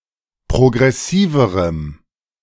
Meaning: strong dative masculine/neuter singular comparative degree of progressiv
- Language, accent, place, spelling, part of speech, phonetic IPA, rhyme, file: German, Germany, Berlin, progressiverem, adjective, [pʁoɡʁɛˈsiːvəʁəm], -iːvəʁəm, De-progressiverem.ogg